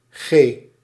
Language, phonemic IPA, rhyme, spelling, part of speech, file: Dutch, /ɣeː/, -eː, g, noun, Nl-g.ogg
- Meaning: 1. The seventh letter of the Dutch alphabet, written in the Latin script 2. a unit of gravitational acceleration 3. abbreviation of gram